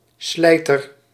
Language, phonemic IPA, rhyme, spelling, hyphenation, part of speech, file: Dutch, /ˈslɛi̯.tər/, -ɛi̯tər, slijter, slij‧ter, noun, Nl-slijter.ogg
- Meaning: a liquor store owner